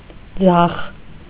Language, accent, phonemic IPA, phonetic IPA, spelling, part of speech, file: Armenian, Eastern Armenian, /d͡zɑχ/, [d͡zɑχ], ձախ, adjective / noun / adverb, Hy-ձախ.ogg
- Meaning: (adjective) 1. left; left-hand 2. unsuccessful; unfortunate 3. left; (noun) left, the left side; the left hand; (adverb) to the left (of)